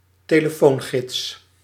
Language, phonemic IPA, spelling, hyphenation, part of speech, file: Dutch, /teː.ləˈfoːnˌɣɪts/, telefoongids, te‧le‧foon‧gids, noun, Nl-telefoongids.ogg
- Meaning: telephone directory